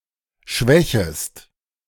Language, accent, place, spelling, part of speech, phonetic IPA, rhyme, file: German, Germany, Berlin, schwächest, verb, [ˈʃvɛçəst], -ɛçəst, De-schwächest.ogg
- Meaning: second-person singular subjunctive I of schwächen